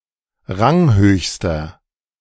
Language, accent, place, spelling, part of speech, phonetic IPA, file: German, Germany, Berlin, ranghöchster, adjective, [ˈʁaŋˌhøːçstɐ], De-ranghöchster.ogg
- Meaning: inflection of ranghoch: 1. strong/mixed nominative masculine singular superlative degree 2. strong genitive/dative feminine singular superlative degree 3. strong genitive plural superlative degree